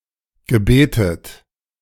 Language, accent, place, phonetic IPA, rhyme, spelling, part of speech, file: German, Germany, Berlin, [ɡəˈbeːtət], -eːtət, gebetet, verb, De-gebetet.ogg
- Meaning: past participle of beten